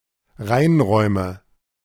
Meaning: nominative/accusative/genitive plural of Reinraum
- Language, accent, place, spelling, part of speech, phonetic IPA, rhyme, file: German, Germany, Berlin, Reinräume, noun, [ˈʁaɪ̯nˌʁɔɪ̯mə], -aɪ̯nʁɔɪ̯mə, De-Reinräume.ogg